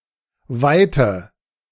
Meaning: 1. width 2. distance
- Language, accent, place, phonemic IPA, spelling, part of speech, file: German, Germany, Berlin, /ˈvaɪ̯tə/, Weite, noun, De-Weite.ogg